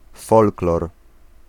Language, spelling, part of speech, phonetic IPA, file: Polish, folklor, noun, [ˈfɔlklɔr], Pl-folklor.ogg